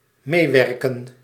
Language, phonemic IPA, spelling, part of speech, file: Dutch, /ˈmeːˌʋɛr.kə(n)/, meewerken, verb, Nl-meewerken.ogg
- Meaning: to cooperate